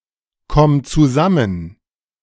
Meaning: singular imperative of zusammenkommen
- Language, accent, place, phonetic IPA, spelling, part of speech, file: German, Germany, Berlin, [ˌkɔm t͡suˈzamən], komm zusammen, verb, De-komm zusammen.ogg